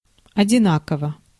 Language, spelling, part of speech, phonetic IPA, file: Russian, одинаково, adverb, [ɐdʲɪˈnakəvə], Ru-одинаково.ogg
- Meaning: equally, evenly (in an equal manner)